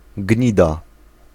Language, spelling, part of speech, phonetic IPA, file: Polish, gnida, noun, [ˈɟɲida], Pl-gnida.ogg